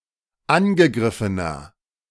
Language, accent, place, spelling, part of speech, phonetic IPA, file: German, Germany, Berlin, angegriffener, adjective, [ˈanɡəˌɡʁɪfənɐ], De-angegriffener.ogg
- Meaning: inflection of angegriffen: 1. strong/mixed nominative masculine singular 2. strong genitive/dative feminine singular 3. strong genitive plural